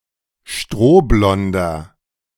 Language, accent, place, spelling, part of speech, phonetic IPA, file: German, Germany, Berlin, strohblonder, adjective, [ˈʃtʁoːˌblɔndɐ], De-strohblonder.ogg
- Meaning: inflection of strohblond: 1. strong/mixed nominative masculine singular 2. strong genitive/dative feminine singular 3. strong genitive plural